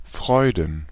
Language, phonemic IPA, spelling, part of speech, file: German, /ˈfʁɔɪ̯dn̩/, Freuden, noun, De-Freuden.ogg
- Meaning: plural of Freude